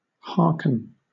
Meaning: 1. To hear (something) with attention; to have regard to (something) 2. To listen; to attend or give heed to what is uttered; to hear with attention, compliance, or obedience
- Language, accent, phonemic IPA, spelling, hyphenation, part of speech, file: English, Southern England, /ˈhɑːk(ə)n/, hearken, heark‧en, verb, LL-Q1860 (eng)-hearken.wav